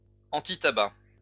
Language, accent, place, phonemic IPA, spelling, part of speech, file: French, France, Lyon, /ɑ̃.ti.ta.bak/, antitabac, adjective, LL-Q150 (fra)-antitabac.wav
- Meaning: anti-smoking (opposing smoking)